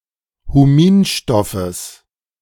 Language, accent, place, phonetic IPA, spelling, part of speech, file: German, Germany, Berlin, [huˈmiːnˌʃtɔfəs], Huminstoffes, noun, De-Huminstoffes.ogg
- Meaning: genitive singular of Huminstoff